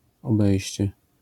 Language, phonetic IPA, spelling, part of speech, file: Polish, [ɔˈbɛjɕt͡ɕɛ], obejście, noun, LL-Q809 (pol)-obejście.wav